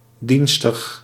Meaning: useful
- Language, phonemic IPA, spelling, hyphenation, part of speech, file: Dutch, /ˈdin.stəx/, dienstig, dien‧stig, adjective, Nl-dienstig.ogg